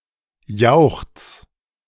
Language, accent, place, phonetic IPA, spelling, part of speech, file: German, Germany, Berlin, [jaʊ̯xt͡s], jauchz, verb, De-jauchz.ogg
- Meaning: 1. singular imperative of jauchzen 2. first-person singular present of jauchzen